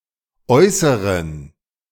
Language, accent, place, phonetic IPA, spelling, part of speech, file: German, Germany, Berlin, [ˈɔɪ̯səʁən], äußeren, adjective, De-äußeren.ogg
- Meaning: inflection of äußere: 1. strong genitive masculine/neuter singular 2. weak/mixed genitive/dative all-gender singular 3. strong/weak/mixed accusative masculine singular 4. strong dative plural